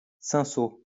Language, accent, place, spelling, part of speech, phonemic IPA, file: French, France, Lyon, cinsault, noun, /sɛ̃.so/, LL-Q150 (fra)-cinsault.wav
- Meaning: cinsault (grape and wine)